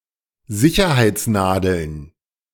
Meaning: plural of Sicherheitsnadel
- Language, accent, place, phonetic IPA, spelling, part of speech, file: German, Germany, Berlin, [ˈzɪçɐhaɪ̯t͡sˌnaːdl̩n], Sicherheitsnadeln, noun, De-Sicherheitsnadeln.ogg